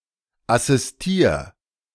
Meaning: 1. singular imperative of assistieren 2. first-person singular present of assistieren
- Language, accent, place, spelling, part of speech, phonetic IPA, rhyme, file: German, Germany, Berlin, assistier, verb, [asɪsˈtiːɐ̯], -iːɐ̯, De-assistier.ogg